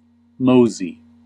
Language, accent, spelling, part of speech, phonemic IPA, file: English, US, mosey, verb / adjective / noun, /ˈmoʊ.zi/, En-us-mosey.ogg
- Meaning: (verb) 1. To set off, get going; to start a journey 2. To go off quickly: to hurry up 3. To amble; to walk or proceed in a leisurely manner; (adjective) 1. Hairy, furry 2. Close, muggy; misty, hazy